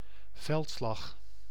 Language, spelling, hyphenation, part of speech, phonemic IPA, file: Dutch, veldslag, veld‧slag, noun, /ˈvɛlt.slɑx/, Nl-veldslag.ogg
- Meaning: 1. a battle on open land (therefore excluding sieges) 2. the practice of letting livestock graze on the commons